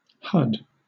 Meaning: A huck or hull, as of a nut
- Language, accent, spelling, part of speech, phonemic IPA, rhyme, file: English, Southern England, hud, noun, /hʌd/, -ʌd, LL-Q1860 (eng)-hud.wav